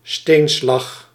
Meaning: crushed stone
- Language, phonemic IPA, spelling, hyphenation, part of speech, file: Dutch, /ˈsteːn.slɑx/, steenslag, steen‧slag, noun, Nl-steenslag.ogg